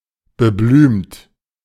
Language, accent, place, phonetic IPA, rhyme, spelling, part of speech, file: German, Germany, Berlin, [bəˈblyːmt], -yːmt, beblümt, adjective, De-beblümt.ogg
- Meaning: flowery, flowered